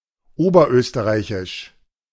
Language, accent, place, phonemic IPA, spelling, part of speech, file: German, Germany, Berlin, /ˈoːbɐˌʔøːstəʁaɪ̯çɪʃ/, oberösterreichisch, adjective, De-oberösterreichisch.ogg
- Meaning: of Upper Austria; Upper Austrian